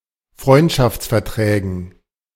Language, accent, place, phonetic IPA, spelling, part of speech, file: German, Germany, Berlin, [ˈfʁɔɪ̯ntʃaft͡sfɛɐ̯ˌtʁɛːɡn̩], Freundschaftsverträgen, noun, De-Freundschaftsverträgen.ogg
- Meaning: dative plural of Freundschaftsvertrag